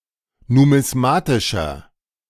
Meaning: inflection of numismatisch: 1. strong/mixed nominative masculine singular 2. strong genitive/dative feminine singular 3. strong genitive plural
- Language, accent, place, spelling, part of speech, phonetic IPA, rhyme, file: German, Germany, Berlin, numismatischer, adjective, [numɪsˈmaːtɪʃɐ], -aːtɪʃɐ, De-numismatischer.ogg